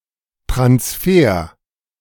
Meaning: 1. transfer (the act of moving money to another country) 2. transfer (the act of moving a player to another club)
- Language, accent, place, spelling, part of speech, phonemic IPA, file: German, Germany, Berlin, Transfer, noun, /transˈfeːr/, De-Transfer.ogg